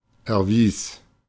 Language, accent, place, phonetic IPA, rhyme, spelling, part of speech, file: German, Germany, Berlin, [ɛɐ̯ˈviːs], -iːs, erwies, verb, De-erwies.ogg
- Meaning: first/third-person singular preterite of erweisen